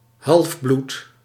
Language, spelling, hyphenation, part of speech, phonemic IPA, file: Dutch, halfbloed, half‧bloed, noun, /ˈhɑlvblut/, Nl-halfbloed.ogg
- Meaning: a half-blooded person, someone with mixed parentage